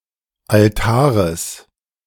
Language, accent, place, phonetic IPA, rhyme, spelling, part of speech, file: German, Germany, Berlin, [alˈtaːʁəs], -aːʁəs, Altares, noun, De-Altares.ogg
- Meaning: genitive singular of Altar